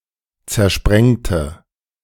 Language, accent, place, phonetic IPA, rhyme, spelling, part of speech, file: German, Germany, Berlin, [t͡sɛɐ̯ˈʃpʁɛŋtə], -ɛŋtə, zersprengte, adjective / verb, De-zersprengte.ogg
- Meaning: inflection of zersprengen: 1. first/third-person singular preterite 2. first/third-person singular subjunctive II